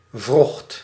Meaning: 1. singular past indicative of werken 2. inflection of wrochten: first/second/third-person singular present indicative 3. inflection of wrochten: imperative
- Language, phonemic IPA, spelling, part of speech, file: Dutch, /vrɔxt/, wrocht, verb, Nl-wrocht.ogg